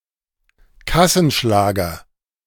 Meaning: blockbuster
- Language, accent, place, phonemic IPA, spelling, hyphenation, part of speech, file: German, Germany, Berlin, /ˈkasn̩ˌʃlaːɡɐ/, Kassenschlager, Kas‧sen‧schla‧ger, noun, De-Kassenschlager.ogg